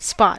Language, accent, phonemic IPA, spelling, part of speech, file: English, US, /spɑt/, spot, noun / verb / adjective, En-us-spot.ogg
- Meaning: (noun) 1. A round or irregular patch on the surface of a thing having a different color, texture etc. and generally round in shape 2. A stain or disfiguring mark 3. A pimple, papule or pustule